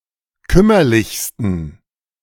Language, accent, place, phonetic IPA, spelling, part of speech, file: German, Germany, Berlin, [ˈkʏmɐlɪçstn̩], kümmerlichsten, adjective, De-kümmerlichsten.ogg
- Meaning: 1. superlative degree of kümmerlich 2. inflection of kümmerlich: strong genitive masculine/neuter singular superlative degree